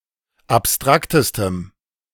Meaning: strong dative masculine/neuter singular superlative degree of abstrakt
- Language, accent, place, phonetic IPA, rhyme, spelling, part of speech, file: German, Germany, Berlin, [apˈstʁaktəstəm], -aktəstəm, abstraktestem, adjective, De-abstraktestem.ogg